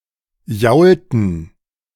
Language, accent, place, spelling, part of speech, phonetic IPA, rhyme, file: German, Germany, Berlin, jaulten, verb, [ˈjaʊ̯ltn̩], -aʊ̯ltn̩, De-jaulten.ogg
- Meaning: inflection of jaulen: 1. first/third-person plural preterite 2. first/third-person plural subjunctive II